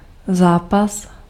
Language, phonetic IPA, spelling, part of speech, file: Czech, [ˈzaːpas], zápas, noun, Cs-zápas.ogg
- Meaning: 1. match (sporting event) 2. struggle 3. wrestling (sport)